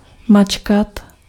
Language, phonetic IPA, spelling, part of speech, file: Czech, [ˈmat͡ʃkat], mačkat, verb, Cs-mačkat.ogg
- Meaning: 1. to press, push 2. to squeeze, mash 3. to crumple, wrinkle, crease 4. to crumple, crease 5. to throng, be crammed